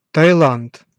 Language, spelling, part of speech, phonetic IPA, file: Russian, Таиланд, proper noun, [təɪˈɫant], Ru-Таиланд.ogg
- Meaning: Thailand (a country in Southeast Asia)